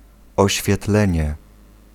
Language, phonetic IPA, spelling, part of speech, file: Polish, [ˌɔɕfʲjɛˈtlɛ̃ɲɛ], oświetlenie, noun, Pl-oświetlenie.ogg